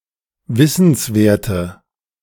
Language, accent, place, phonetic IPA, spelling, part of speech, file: German, Germany, Berlin, [ˈvɪsn̩sˌveːɐ̯tə], wissenswerte, adjective, De-wissenswerte.ogg
- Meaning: inflection of wissenswert: 1. strong/mixed nominative/accusative feminine singular 2. strong nominative/accusative plural 3. weak nominative all-gender singular